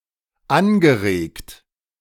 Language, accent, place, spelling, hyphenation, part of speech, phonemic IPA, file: German, Germany, Berlin, angeregt, an‧ge‧regt, verb / adjective / adverb, /ˈanɡəˌʁeːkt/, De-angeregt.ogg
- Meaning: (verb) past participle of anregen; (adjective) 1. animated, lively 2. excited; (adverb) in a lively way